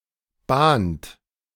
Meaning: inflection of bahnen: 1. third-person singular present 2. second-person plural present 3. plural imperative
- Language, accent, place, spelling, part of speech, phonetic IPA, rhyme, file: German, Germany, Berlin, bahnt, verb, [baːnt], -aːnt, De-bahnt.ogg